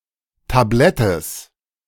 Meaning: genitive singular of Tablett
- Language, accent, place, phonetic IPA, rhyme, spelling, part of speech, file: German, Germany, Berlin, [taˈblɛtəs], -ɛtəs, Tablettes, noun, De-Tablettes.ogg